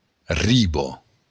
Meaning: shore, bank
- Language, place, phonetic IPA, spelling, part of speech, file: Occitan, Béarn, [ˈriβo], riba, noun, LL-Q14185 (oci)-riba.wav